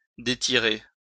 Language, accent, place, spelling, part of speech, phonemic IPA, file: French, France, Lyon, détirer, verb, /de.ti.ʁe/, LL-Q150 (fra)-détirer.wav
- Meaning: to stretch (by pulling)